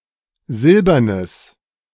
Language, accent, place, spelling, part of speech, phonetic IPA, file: German, Germany, Berlin, silbernes, adjective, [ˈzɪlbɐnəs], De-silbernes.ogg
- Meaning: strong/mixed nominative/accusative neuter singular of silbern